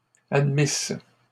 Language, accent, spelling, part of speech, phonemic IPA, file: French, Canada, admisse, verb, /ad.mis/, LL-Q150 (fra)-admisse.wav
- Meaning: first-person singular imperfect subjunctive of admettre